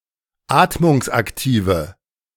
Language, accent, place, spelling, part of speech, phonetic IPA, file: German, Germany, Berlin, atmungsaktive, adjective, [ˈaːtmʊŋsʔakˌtiːvə], De-atmungsaktive.ogg
- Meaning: inflection of atmungsaktiv: 1. strong/mixed nominative/accusative feminine singular 2. strong nominative/accusative plural 3. weak nominative all-gender singular